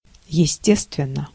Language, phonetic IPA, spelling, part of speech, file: Russian, [(j)ɪˈsʲtʲestvʲɪn(ː)ə], естественно, adverb / adjective, Ru-естественно.ogg
- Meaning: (adverb) naturally; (adjective) short neuter singular of есте́ственный (jestéstvennyj)